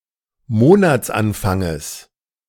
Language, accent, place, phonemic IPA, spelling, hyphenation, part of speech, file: German, Germany, Berlin, /ˈmoːnat͡sˌanfaŋəs/, Monatsanfanges, Mo‧nats‧an‧fan‧ges, noun, De-Monatsanfanges.ogg
- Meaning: genitive singular of Monatsanfang